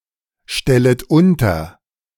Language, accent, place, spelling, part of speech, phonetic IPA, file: German, Germany, Berlin, stellet unter, verb, [ˌʃtɛlət ˈʊntɐ], De-stellet unter.ogg
- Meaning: second-person plural subjunctive I of unterstellen